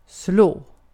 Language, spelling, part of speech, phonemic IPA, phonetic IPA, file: Swedish, slå, verb / noun, /sloː/, [sl̪oə̯], Sv-slå.ogg
- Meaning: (verb) 1. to hit, punch or beat (someone); to give a blow 2. to strike; to hit, especially with some kind of tool 3. to strike 4. to defeat; to win against; to beat 5. to break a record